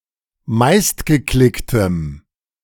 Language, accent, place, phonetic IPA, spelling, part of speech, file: German, Germany, Berlin, [ˈmaɪ̯stɡəˌklɪktəm], meistgeklicktem, adjective, De-meistgeklicktem.ogg
- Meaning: strong dative masculine/neuter singular of meistgeklickt